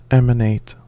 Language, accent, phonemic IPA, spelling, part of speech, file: English, US, /ˈɛm.əˌneɪt/, emanate, verb, En-us-emanate.ogg
- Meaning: 1. To come from a source; issue from 2. To send or give out; emit